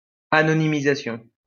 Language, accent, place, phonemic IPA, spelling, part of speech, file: French, France, Lyon, /a.nɔ.ni.mi.za.sjɔ̃/, anonymisation, noun, LL-Q150 (fra)-anonymisation.wav
- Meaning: anonymization (act of making anonymous)